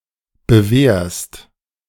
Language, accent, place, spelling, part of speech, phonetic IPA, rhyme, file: German, Germany, Berlin, bewehrst, verb, [bəˈveːɐ̯st], -eːɐ̯st, De-bewehrst.ogg
- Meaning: second-person singular present of bewehren